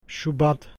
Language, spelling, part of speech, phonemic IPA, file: Turkish, şubat, noun, /ʃuˈbat/, Şubat.ogg
- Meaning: February